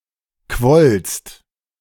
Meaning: second-person singular preterite of quellen
- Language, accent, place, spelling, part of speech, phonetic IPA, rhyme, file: German, Germany, Berlin, quollst, verb, [kvɔlst], -ɔlst, De-quollst.ogg